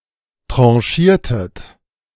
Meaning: inflection of tranchieren: 1. second-person plural preterite 2. second-person plural subjunctive II
- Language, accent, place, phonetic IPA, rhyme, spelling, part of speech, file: German, Germany, Berlin, [ˌtʁɑ̃ˈʃiːɐ̯tət], -iːɐ̯tət, tranchiertet, verb, De-tranchiertet.ogg